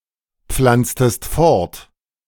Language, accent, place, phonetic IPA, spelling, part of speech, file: German, Germany, Berlin, [ˌp͡flant͡stəst ˈfɔʁt], pflanztest fort, verb, De-pflanztest fort.ogg
- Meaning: inflection of fortpflanzen: 1. second-person singular preterite 2. second-person singular subjunctive II